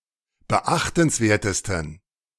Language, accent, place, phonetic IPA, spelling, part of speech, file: German, Germany, Berlin, [bəˈʔaxtn̩sˌveːɐ̯təstn̩], beachtenswertesten, adjective, De-beachtenswertesten.ogg
- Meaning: 1. superlative degree of beachtenswert 2. inflection of beachtenswert: strong genitive masculine/neuter singular superlative degree